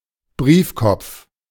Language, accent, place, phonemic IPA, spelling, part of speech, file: German, Germany, Berlin, /ˈbʁiːfkɔpf/, Briefkopf, noun, De-Briefkopf.ogg
- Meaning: letterhead